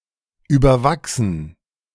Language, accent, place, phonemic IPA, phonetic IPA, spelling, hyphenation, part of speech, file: German, Germany, Berlin, /yːbɐˈvaxsən/, [ʔyːbɐˈvaksn̩], überwachsen, über‧wach‧sen, verb / adjective, De-überwachsen.ogg
- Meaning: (verb) 1. to overgrow 2. past participle of überwachsen; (adjective) overgrown